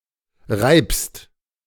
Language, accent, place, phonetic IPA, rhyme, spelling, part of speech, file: German, Germany, Berlin, [ʁaɪ̯pst], -aɪ̯pst, reibst, verb, De-reibst.ogg
- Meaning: second-person singular present of reiben